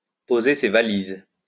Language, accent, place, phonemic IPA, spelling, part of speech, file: French, France, Lyon, /po.ze se va.liz/, poser ses valises, verb, LL-Q150 (fra)-poser ses valises.wav
- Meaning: to settle down